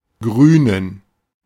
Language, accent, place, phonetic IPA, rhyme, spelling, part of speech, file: German, Germany, Berlin, [ˈɡʁyːnən], -yːnən, grünen, verb / adjective, De-grünen.ogg
- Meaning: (verb) 1. to be green; to become green 2. to flourish, thrive (used of or in comparison to a plant); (adjective) inflection of grün: strong genitive masculine/neuter singular